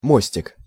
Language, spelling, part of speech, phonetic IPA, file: Russian, мостик, noun, [ˈmosʲtʲɪk], Ru-мостик.ogg
- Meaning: 1. diminutive of мост (most): (small) bridge; footbridge 2. (captain's) bridge